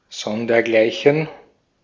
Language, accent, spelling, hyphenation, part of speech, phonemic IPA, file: German, Austria, sondergleichen, son‧der‧glei‧chen, prepositional phrase, /ˈsɔndɐˈɡlaɪ̯çɛn/, De-at-sondergleichen.ogg
- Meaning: which has no equal, incomparable